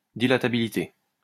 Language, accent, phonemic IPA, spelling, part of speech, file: French, France, /di.la.ta.bi.li.te/, dilatabilité, noun, LL-Q150 (fra)-dilatabilité.wav
- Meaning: dilatability